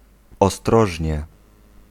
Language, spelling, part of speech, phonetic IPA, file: Polish, ostrożnie, adverb / noun, [ɔˈstrɔʒʲɲɛ], Pl-ostrożnie.ogg